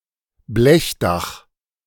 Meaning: tin roof
- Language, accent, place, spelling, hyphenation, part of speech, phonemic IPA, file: German, Germany, Berlin, Blechdach, Blech‧dach, noun, /ˈblɛçˌdaχ/, De-Blechdach.ogg